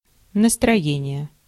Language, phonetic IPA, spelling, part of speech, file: Russian, [nəstrɐˈjenʲɪje], настроение, noun, Ru-настроение.ogg
- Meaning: mood, spirits, sentiment (mental state)